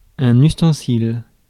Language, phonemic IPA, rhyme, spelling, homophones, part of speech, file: French, /ys.tɑ̃.sil/, -il, ustensile, ustensiles, noun, Fr-ustensile.ogg
- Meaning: utensil